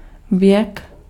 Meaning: 1. age (duration of an entity) 2. age (particular period of time in history) 3. century
- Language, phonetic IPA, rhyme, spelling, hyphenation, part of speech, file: Czech, [ˈvjɛk], -ɛk, věk, věk, noun, Cs-věk.ogg